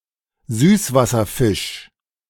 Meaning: freshwater fish
- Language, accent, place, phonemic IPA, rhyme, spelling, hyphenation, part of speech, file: German, Germany, Berlin, /ˈzyːsvasɐˌfɪʃ/, -ɪʃ, Süßwasserfisch, Süß‧was‧ser‧fisch, noun, De-Süßwasserfisch.ogg